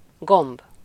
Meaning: button (a knob or disc that is passed through a loop or buttonhole, serving as a fastener)
- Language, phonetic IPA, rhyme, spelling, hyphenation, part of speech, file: Hungarian, [ˈɡomb], -omb, gomb, gomb, noun, Hu-gomb.ogg